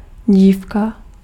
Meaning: girl
- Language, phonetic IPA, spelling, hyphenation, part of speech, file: Czech, [ˈɟiːfka], dívka, dív‧ka, noun, Cs-dívka.ogg